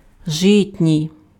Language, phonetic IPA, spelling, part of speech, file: Ukrainian, [ˈʒɪtʲnʲii̯], житній, adjective, Uk-житній.ogg
- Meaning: rye (attributive)